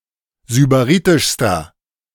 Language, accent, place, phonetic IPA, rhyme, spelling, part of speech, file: German, Germany, Berlin, [zybaˈʁiːtɪʃstɐ], -iːtɪʃstɐ, sybaritischster, adjective, De-sybaritischster.ogg
- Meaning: inflection of sybaritisch: 1. strong/mixed nominative masculine singular superlative degree 2. strong genitive/dative feminine singular superlative degree 3. strong genitive plural superlative degree